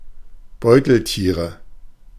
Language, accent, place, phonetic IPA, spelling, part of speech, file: German, Germany, Berlin, [ˈbɔɪ̯tl̩ˌtiːʁə], Beuteltiere, noun, De-Beuteltiere.ogg
- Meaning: nominative/accusative/genitive plural of Beuteltier